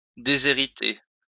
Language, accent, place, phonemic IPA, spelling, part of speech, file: French, France, Lyon, /de.ze.ʁi.te/, déshériter, verb, LL-Q150 (fra)-déshériter.wav
- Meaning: 1. to disinherit, to disown 2. to handicap, to disadvantage